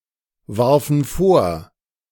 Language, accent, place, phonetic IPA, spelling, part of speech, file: German, Germany, Berlin, [ˌvaʁfn̩ ˈfoːɐ̯], warfen vor, verb, De-warfen vor.ogg
- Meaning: first/third-person plural preterite of vorwerfen